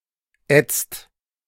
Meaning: inflection of ätzen: 1. second-person singular/plural present 2. third-person singular present 3. plural imperative
- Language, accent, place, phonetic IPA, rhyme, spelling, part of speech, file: German, Germany, Berlin, [ɛt͡st], -ɛt͡st, ätzt, verb, De-ätzt.ogg